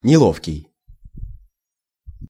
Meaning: 1. awkward, clumsy 2. uncomfortable 3. inconvenient, embarrassing
- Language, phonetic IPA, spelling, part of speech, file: Russian, [nʲɪˈɫofkʲɪj], неловкий, adjective, Ru-неловкий.ogg